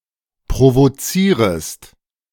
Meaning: second-person singular subjunctive I of provozieren
- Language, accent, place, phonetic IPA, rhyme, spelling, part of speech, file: German, Germany, Berlin, [pʁovoˈt͡siːʁəst], -iːʁəst, provozierest, verb, De-provozierest.ogg